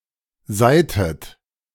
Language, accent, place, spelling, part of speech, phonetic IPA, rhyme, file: German, Germany, Berlin, seihtet, verb, [ˈzaɪ̯tət], -aɪ̯tət, De-seihtet.ogg
- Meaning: inflection of seihen: 1. second-person plural preterite 2. second-person plural subjunctive II